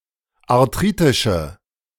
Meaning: inflection of arthritisch: 1. strong/mixed nominative/accusative feminine singular 2. strong nominative/accusative plural 3. weak nominative all-gender singular
- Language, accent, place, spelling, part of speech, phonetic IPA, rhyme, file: German, Germany, Berlin, arthritische, adjective, [aʁˈtʁiːtɪʃə], -iːtɪʃə, De-arthritische.ogg